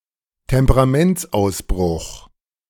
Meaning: flash of temper
- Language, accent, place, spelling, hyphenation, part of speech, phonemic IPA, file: German, Germany, Berlin, Temperamentsausbruch, Tem‧pe‧ra‧ments‧aus‧bruch, noun, /tɛmpəʁaˈmɛntsˌaʊ̯sbʁʊx/, De-Temperamentsausbruch.ogg